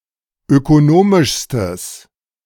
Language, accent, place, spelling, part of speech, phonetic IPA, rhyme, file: German, Germany, Berlin, ökonomischstes, adjective, [økoˈnoːmɪʃstəs], -oːmɪʃstəs, De-ökonomischstes.ogg
- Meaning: strong/mixed nominative/accusative neuter singular superlative degree of ökonomisch